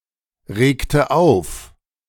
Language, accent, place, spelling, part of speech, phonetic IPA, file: German, Germany, Berlin, regte auf, verb, [ˌʁeːktə ˈaʊ̯f], De-regte auf.ogg
- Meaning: inflection of aufregen: 1. first/third-person singular preterite 2. first/third-person singular subjunctive II